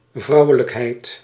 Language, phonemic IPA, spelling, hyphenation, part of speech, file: Dutch, /ˈvrɑu̯.ə.ləkˌɦɛi̯t/, vrouwelijkheid, vrou‧we‧lijk‧heid, noun, Nl-vrouwelijkheid.ogg
- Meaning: 1. femininity 2. the female genitals